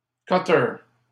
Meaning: 1. utility knife, box cutter, Stanley knife (tool used to cut) 2. cutter (vessel)
- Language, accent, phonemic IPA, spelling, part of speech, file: French, Canada, /kø.tœʁ/, cutter, noun, LL-Q150 (fra)-cutter.wav